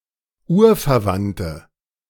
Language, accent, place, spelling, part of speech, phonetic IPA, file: German, Germany, Berlin, urverwandte, adjective, [ˈuːɐ̯fɛɐ̯ˌvantə], De-urverwandte.ogg
- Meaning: inflection of urverwandt: 1. strong/mixed nominative/accusative feminine singular 2. strong nominative/accusative plural 3. weak nominative all-gender singular